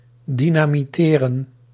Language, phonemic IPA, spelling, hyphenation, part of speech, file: Dutch, /ˌdinaːmiˈteːrə(n)/, dynamiteren, dy‧na‧mi‧te‧ren, verb, Nl-dynamiteren.ogg
- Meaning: to dynamite